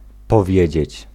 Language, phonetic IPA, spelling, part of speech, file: Polish, [pɔˈvʲjɛ̇d͡ʑɛ̇t͡ɕ], powiedzieć, verb, Pl-powiedzieć.ogg